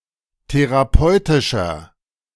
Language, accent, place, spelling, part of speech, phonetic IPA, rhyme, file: German, Germany, Berlin, therapeutischer, adjective, [teʁaˈpɔɪ̯tɪʃɐ], -ɔɪ̯tɪʃɐ, De-therapeutischer.ogg
- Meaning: inflection of therapeutisch: 1. strong/mixed nominative masculine singular 2. strong genitive/dative feminine singular 3. strong genitive plural